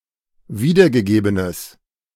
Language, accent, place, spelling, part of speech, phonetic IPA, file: German, Germany, Berlin, wiedergegebenes, adjective, [ˈviːdɐɡəˌɡeːbənəs], De-wiedergegebenes.ogg
- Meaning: strong/mixed nominative/accusative neuter singular of wiedergegeben